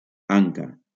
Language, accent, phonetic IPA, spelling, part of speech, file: Catalan, Valencia, [ˈaŋ.ka], anca, noun, LL-Q7026 (cat)-anca.wav
- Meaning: haunch